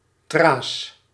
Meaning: plural of tra
- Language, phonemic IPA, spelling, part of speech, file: Dutch, /traːs/, tra's, noun, Nl-tra's.ogg